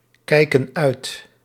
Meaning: inflection of uitkijken: 1. plural present indicative 2. plural present subjunctive
- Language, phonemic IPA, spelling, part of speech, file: Dutch, /ˈkɛikə(n) ˈœyt/, kijken uit, verb, Nl-kijken uit.ogg